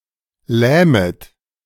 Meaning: second-person plural subjunctive I of lähmen
- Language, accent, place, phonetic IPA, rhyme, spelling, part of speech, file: German, Germany, Berlin, [ˈlɛːmət], -ɛːmət, lähmet, verb, De-lähmet.ogg